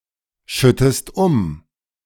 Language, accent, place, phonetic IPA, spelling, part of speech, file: German, Germany, Berlin, [ˌʃʏtəst ˈʊm], schüttest um, verb, De-schüttest um.ogg
- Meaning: inflection of umschütten: 1. second-person singular present 2. second-person singular subjunctive I